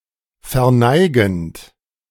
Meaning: present participle of verneigen
- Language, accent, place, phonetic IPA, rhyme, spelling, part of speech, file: German, Germany, Berlin, [fɛɐ̯ˈnaɪ̯ɡn̩t], -aɪ̯ɡn̩t, verneigend, verb, De-verneigend.ogg